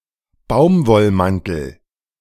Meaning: cotton coat
- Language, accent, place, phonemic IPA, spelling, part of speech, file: German, Germany, Berlin, /ˈbaʊ̯m.vɔlˌmantəl/, Baumwollmantel, noun, De-Baumwollmantel.ogg